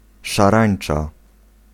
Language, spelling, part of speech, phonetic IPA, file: Polish, szarańcza, noun, [ʃaˈrãj̃n͇t͡ʃa], Pl-szarańcza.ogg